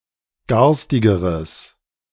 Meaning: strong/mixed nominative/accusative neuter singular comparative degree of garstig
- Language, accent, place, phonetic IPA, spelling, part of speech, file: German, Germany, Berlin, [ˈɡaʁstɪɡəʁəs], garstigeres, adjective, De-garstigeres.ogg